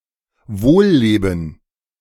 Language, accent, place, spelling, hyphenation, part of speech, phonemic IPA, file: German, Germany, Berlin, Wohlleben, Wohl‧le‧ben, noun, /ˈvoːlˌleːbn̩/, De-Wohlleben.ogg
- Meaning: life of luxury; "the good life"